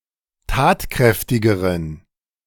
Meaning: inflection of tatkräftig: 1. strong genitive masculine/neuter singular comparative degree 2. weak/mixed genitive/dative all-gender singular comparative degree
- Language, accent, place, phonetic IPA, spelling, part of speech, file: German, Germany, Berlin, [ˈtaːtˌkʁɛftɪɡəʁən], tatkräftigeren, adjective, De-tatkräftigeren.ogg